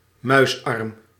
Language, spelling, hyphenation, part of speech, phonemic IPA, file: Dutch, muisarm, muis‧arm, noun, /ˈmœy̯s.ɑrm/, Nl-muisarm.ogg
- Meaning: 1. repetitive strain injury, particularly from use of a computer mouse 2. an instance of RSI in the arm